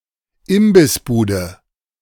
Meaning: snack stand, food booth
- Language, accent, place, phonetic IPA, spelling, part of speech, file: German, Germany, Berlin, [ˈɪmbɪsˌbuːdə], Imbissbude, noun, De-Imbissbude.ogg